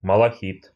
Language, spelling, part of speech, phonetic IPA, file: Russian, малахит, noun, [məɫɐˈxʲit], Ru-малахит.ogg
- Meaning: malachite